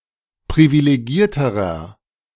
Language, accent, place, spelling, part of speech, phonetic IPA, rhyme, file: German, Germany, Berlin, privilegierterer, adjective, [pʁivileˈɡiːɐ̯təʁɐ], -iːɐ̯təʁɐ, De-privilegierterer.ogg
- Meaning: inflection of privilegiert: 1. strong/mixed nominative masculine singular comparative degree 2. strong genitive/dative feminine singular comparative degree 3. strong genitive plural comparative degree